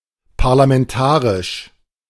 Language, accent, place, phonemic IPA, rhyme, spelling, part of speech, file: German, Germany, Berlin, /paʁlamɛnˈtaːʁɪʃ/, -aːʁɪʃ, parlamentarisch, adjective, De-parlamentarisch.ogg
- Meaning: parliamentary